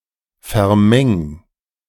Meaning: 1. singular imperative of vermengen 2. first-person singular present of vermengen
- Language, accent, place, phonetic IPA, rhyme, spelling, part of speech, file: German, Germany, Berlin, [fɛɐ̯ˈmɛŋ], -ɛŋ, vermeng, verb, De-vermeng.ogg